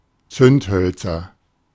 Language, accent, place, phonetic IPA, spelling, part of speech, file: German, Germany, Berlin, [ˈt͡sʏntˌhœlt͡sɐ], Zündhölzer, noun, De-Zündhölzer.ogg
- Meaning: nominative/accusative/genitive plural of Zündholz